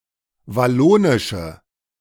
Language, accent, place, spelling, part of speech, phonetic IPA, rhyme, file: German, Germany, Berlin, wallonische, adjective, [vaˈloːnɪʃə], -oːnɪʃə, De-wallonische.ogg
- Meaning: inflection of wallonisch: 1. strong/mixed nominative/accusative feminine singular 2. strong nominative/accusative plural 3. weak nominative all-gender singular